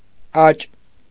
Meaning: 1. increase; rise; growth 2. development
- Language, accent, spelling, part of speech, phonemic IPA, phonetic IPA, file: Armenian, Eastern Armenian, աճ, noun, /ɑt͡ʃ/, [ɑt͡ʃ], Hy-աճ.ogg